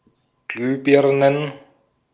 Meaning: plural of Glühbirne
- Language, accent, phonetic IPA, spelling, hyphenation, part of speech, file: German, Austria, [ˈɡlyːˌbɪʁnən], Glühbirnen, Glüh‧bir‧nen, noun, De-at-Glühbirnen.ogg